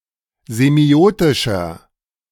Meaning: inflection of semiotisch: 1. strong/mixed nominative masculine singular 2. strong genitive/dative feminine singular 3. strong genitive plural
- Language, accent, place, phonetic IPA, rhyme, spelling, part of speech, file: German, Germany, Berlin, [zeˈmi̯oːtɪʃɐ], -oːtɪʃɐ, semiotischer, adjective, De-semiotischer.ogg